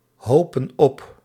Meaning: inflection of ophopen: 1. plural present indicative 2. plural present subjunctive
- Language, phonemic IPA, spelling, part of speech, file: Dutch, /ˈhopə(n) ˈɔp/, hopen op, verb, Nl-hopen op.ogg